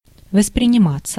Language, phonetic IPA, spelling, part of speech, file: Russian, [vəsprʲɪnʲɪˈmat͡sːə], восприниматься, verb, Ru-восприниматься.ogg
- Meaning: passive of воспринима́ть (vosprinimátʹ)